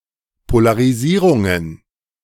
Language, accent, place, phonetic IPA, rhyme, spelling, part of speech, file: German, Germany, Berlin, [polaʁiˈziːʁʊŋən], -iːʁʊŋən, Polarisierungen, noun, De-Polarisierungen.ogg
- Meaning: plural of Polarisierung